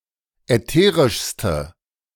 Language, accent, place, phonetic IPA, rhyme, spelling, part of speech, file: German, Germany, Berlin, [ɛˈteːʁɪʃstə], -eːʁɪʃstə, ätherischste, adjective, De-ätherischste.ogg
- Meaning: inflection of ätherisch: 1. strong/mixed nominative/accusative feminine singular superlative degree 2. strong nominative/accusative plural superlative degree